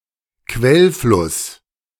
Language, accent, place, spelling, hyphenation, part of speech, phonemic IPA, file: German, Germany, Berlin, Quellfluss, Quell‧fluss, noun, /ˈkvɛlˌflʊs/, De-Quellfluss.ogg
- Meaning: a headstream